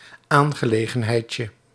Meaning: diminutive of aangelegenheid
- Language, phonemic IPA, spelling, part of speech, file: Dutch, /ˈaŋɣəˌleɣə(n)hɛicə/, aangelegenheidje, noun, Nl-aangelegenheidje.ogg